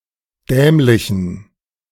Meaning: inflection of dämlich: 1. strong genitive masculine/neuter singular 2. weak/mixed genitive/dative all-gender singular 3. strong/weak/mixed accusative masculine singular 4. strong dative plural
- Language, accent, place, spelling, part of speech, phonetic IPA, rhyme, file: German, Germany, Berlin, dämlichen, adjective, [ˈdɛːmlɪçn̩], -ɛːmlɪçn̩, De-dämlichen.ogg